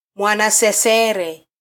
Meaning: doll
- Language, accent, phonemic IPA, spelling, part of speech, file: Swahili, Kenya, /mʷɑ.nɑ.sɛˈsɛ.ɾɛ/, mwanasesere, noun, Sw-ke-mwanasesere.flac